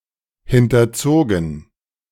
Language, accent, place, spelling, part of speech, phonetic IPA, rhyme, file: German, Germany, Berlin, hinterzogen, verb, [ˌhɪntɐˈt͡soːɡn̩], -oːɡn̩, De-hinterzogen.ogg
- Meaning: past participle of hinterziehen